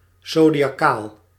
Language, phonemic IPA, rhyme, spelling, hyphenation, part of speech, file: Dutch, /ˌzoː.di.ɑˈkaːl/, -aːl, zodiakaal, zo‧di‧a‧kaal, adjective, Nl-zodiakaal.ogg
- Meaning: zodiacal